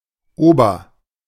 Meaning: 1. over- 2. upper
- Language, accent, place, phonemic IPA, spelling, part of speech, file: German, Germany, Berlin, /ˈoːbɐ/, ober-, prefix, De-ober-.ogg